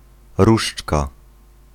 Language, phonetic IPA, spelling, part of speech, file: Polish, [ˈruʃt͡ʃka], różdżka, noun, Pl-różdżka.ogg